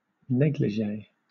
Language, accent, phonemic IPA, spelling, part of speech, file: English, Southern England, /ˈnɛɡlɪʒeɪ/, négligée, adjective / noun, LL-Q1860 (eng)-négligée.wav
- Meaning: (adjective) 1. Carelessly or unceremoniously dressed 2. In the style of a negligee; revealing, titillating; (noun) A woman's lightweight gown of the eighteenth century